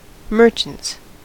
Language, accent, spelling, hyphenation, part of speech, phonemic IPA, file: English, US, merchants, mer‧chants, noun, /ˈmɝt͡ʃənts/, En-us-merchants.ogg
- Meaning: plural of merchant